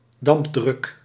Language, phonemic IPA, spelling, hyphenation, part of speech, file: Dutch, /ˈdɑmp.drʏk/, dampdruk, damp‧druk, noun, Nl-dampdruk.ogg
- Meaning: vapor pressure